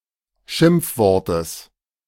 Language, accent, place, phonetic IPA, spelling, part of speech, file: German, Germany, Berlin, [ˈʃɪmp͡fˌvɔʁtəs], Schimpfwortes, noun, De-Schimpfwortes.ogg
- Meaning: genitive singular of Schimpfwort